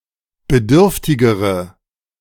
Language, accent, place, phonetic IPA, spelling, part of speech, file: German, Germany, Berlin, [bəˈdʏʁftɪɡəʁə], bedürftigere, adjective, De-bedürftigere.ogg
- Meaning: inflection of bedürftig: 1. strong/mixed nominative/accusative feminine singular comparative degree 2. strong nominative/accusative plural comparative degree